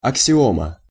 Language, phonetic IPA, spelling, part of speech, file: Russian, [ɐksʲɪˈomə], аксиома, noun, Ru-аксиома.ogg
- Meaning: axiom